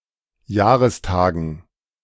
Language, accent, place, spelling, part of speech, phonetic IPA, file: German, Germany, Berlin, Jahrestagen, noun, [ˈjaːʁəsˌtaːɡn̩], De-Jahrestagen.ogg
- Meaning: dative plural of Jahrestag